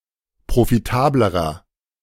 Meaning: inflection of profitabel: 1. strong/mixed nominative masculine singular comparative degree 2. strong genitive/dative feminine singular comparative degree 3. strong genitive plural comparative degree
- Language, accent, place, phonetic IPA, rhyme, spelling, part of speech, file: German, Germany, Berlin, [pʁofiˈtaːbləʁɐ], -aːbləʁɐ, profitablerer, adjective, De-profitablerer.ogg